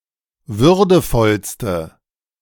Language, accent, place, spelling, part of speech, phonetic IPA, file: German, Germany, Berlin, würdevollste, adjective, [ˈvʏʁdəfɔlstə], De-würdevollste.ogg
- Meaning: inflection of würdevoll: 1. strong/mixed nominative/accusative feminine singular superlative degree 2. strong nominative/accusative plural superlative degree